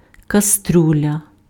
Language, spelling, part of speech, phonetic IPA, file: Ukrainian, каструля, noun, [kɐˈstrulʲɐ], Uk-каструля.ogg
- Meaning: stockpot, stewpot, casserole, cooking pot, saucepan